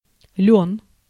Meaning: flax
- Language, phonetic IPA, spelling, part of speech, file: Russian, [lʲɵn], лён, noun, Ru-лён.ogg